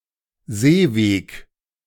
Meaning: seaway
- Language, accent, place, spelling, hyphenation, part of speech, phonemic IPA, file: German, Germany, Berlin, Seeweg, See‧weg, noun, /ˈzeːˌveːk/, De-Seeweg.ogg